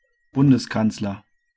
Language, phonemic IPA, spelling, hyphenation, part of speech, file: German, /ˈbʊndəsˌkant͡slɐ/, Bundeskanzler, Bun‧des‧kanz‧ler, noun, De-Bundeskanzler.ogg
- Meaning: federal chancellor (male or of unspecified gender) (head of the German or Austrian federal government)